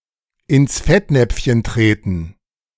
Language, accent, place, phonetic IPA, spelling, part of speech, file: German, Germany, Berlin, [ɪns ˈfɛtnɛpfçən ˈtreːtn̩], ins Fettnäpfchen treten, verb, De-ins Fettnäpfchen treten.ogg
- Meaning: to put one's foot in one's mouth